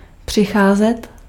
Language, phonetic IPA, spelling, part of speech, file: Czech, [ˈpr̝̊ɪxaːzɛt], přicházet, verb, Cs-přicházet.ogg
- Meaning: 1. to come 2. to be losing, to be missing